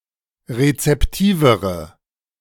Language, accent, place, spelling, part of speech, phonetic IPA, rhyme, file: German, Germany, Berlin, rezeptivere, adjective, [ʁet͡sɛpˈtiːvəʁə], -iːvəʁə, De-rezeptivere.ogg
- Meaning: inflection of rezeptiv: 1. strong/mixed nominative/accusative feminine singular comparative degree 2. strong nominative/accusative plural comparative degree